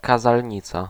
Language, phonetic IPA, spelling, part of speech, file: Polish, [ˌkazalʲˈɲit͡sa], kazalnica, noun, Pl-kazalnica.ogg